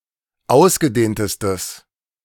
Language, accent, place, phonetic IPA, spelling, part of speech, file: German, Germany, Berlin, [ˈaʊ̯sɡəˌdeːntəstəs], ausgedehntestes, adjective, De-ausgedehntestes.ogg
- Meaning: strong/mixed nominative/accusative neuter singular superlative degree of ausgedehnt